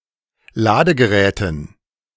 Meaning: dative plural of Ladegerät
- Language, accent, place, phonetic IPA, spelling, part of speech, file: German, Germany, Berlin, [ˈlaːdəɡəˌʁɛːtn̩], Ladegeräten, noun, De-Ladegeräten.ogg